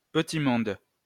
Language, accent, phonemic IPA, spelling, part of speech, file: French, France, /pə.ti mɔ̃d/, petit monde, noun, LL-Q150 (fra)-petit monde.wav
- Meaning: 1. small world, small group (category with few members) 2. child